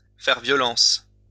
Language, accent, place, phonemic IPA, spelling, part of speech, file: French, France, Lyon, /fɛʁ vjɔ.lɑ̃s/, faire violence, verb, LL-Q150 (fra)-faire violence.wav
- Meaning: 1. to force someone, to use violence on someone 2. to force oneself (to do something)